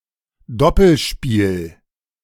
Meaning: 1. double-cross 2. doubles
- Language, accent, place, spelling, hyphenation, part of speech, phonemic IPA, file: German, Germany, Berlin, Doppelspiel, Dop‧pel‧spiel, noun, /ˈdɔpl̩ˌʃpiːl/, De-Doppelspiel.ogg